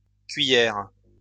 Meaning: plural of cuillère
- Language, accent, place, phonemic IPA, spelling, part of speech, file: French, France, Lyon, /kɥi.jɛʁ/, cuillères, noun, LL-Q150 (fra)-cuillères.wav